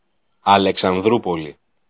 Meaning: Alexandroupoli (a city in Greece)
- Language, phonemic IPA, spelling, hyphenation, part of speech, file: Greek, /a.le.ksanˈðɾu.po.li/, Αλεξανδρούπολη, Α‧λε‧ξαν‧δρού‧πο‧λη, proper noun, El-Αλεξανδρούπολη.ogg